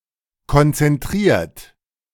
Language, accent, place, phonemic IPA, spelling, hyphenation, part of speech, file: German, Germany, Berlin, /kɔnt͡sɛnˈtʁiːɐ̯t/, konzentriert, kon‧zen‧t‧riert, verb / adjective, De-konzentriert.ogg
- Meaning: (verb) past participle of konzentrieren; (adjective) 1. concentrated 2. focused; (verb) inflection of konzentrieren: 1. third-person singular present 2. second-person plural present